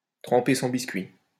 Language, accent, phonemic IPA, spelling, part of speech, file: French, France, /tʁɑ̃.pe sɔ̃ bis.kɥi/, tremper son biscuit, verb, LL-Q150 (fra)-tremper son biscuit.wav
- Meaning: to dip one's wick (of a man)